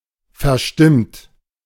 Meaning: 1. past participle of verstimmen 2. inflection of verstimmen: third-person singular present 3. inflection of verstimmen: second-person plural present 4. inflection of verstimmen: plural imperative
- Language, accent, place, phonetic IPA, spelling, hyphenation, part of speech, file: German, Germany, Berlin, [fɛɐ̯ˈʃtɪmt], verstimmt, ver‧stimmt, verb, De-verstimmt.ogg